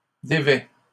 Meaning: inflection of dévêtir: 1. first/second-person singular present indicative 2. second-person singular imperative
- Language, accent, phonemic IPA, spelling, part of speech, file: French, Canada, /de.vɛ/, dévêts, verb, LL-Q150 (fra)-dévêts.wav